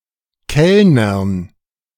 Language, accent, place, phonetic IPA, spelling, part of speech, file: German, Germany, Berlin, [ˈkɛlnɐn], Kellnern, noun, De-Kellnern.ogg
- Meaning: dative plural of Kellner